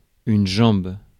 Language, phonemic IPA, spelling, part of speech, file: French, /ʒɑ̃b/, jambe, noun, Fr-jambe.ogg
- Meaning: leg